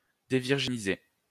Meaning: to deflower
- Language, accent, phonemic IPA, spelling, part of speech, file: French, France, /de.viʁ.ʒi.ni.ze/, dévirginiser, verb, LL-Q150 (fra)-dévirginiser.wav